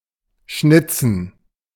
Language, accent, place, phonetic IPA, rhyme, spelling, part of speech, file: German, Germany, Berlin, [ˈʃnɪt͡sn̩], -ɪt͡sn̩, schnitzen, verb, De-schnitzen.ogg
- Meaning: to carve (e.g. a figure, usually out of wood)